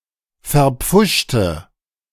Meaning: inflection of verpfuscht: 1. strong/mixed nominative/accusative feminine singular 2. strong nominative/accusative plural 3. weak nominative all-gender singular
- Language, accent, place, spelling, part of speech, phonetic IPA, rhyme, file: German, Germany, Berlin, verpfuschte, adjective / verb, [fɛɐ̯ˈp͡fʊʃtə], -ʊʃtə, De-verpfuschte.ogg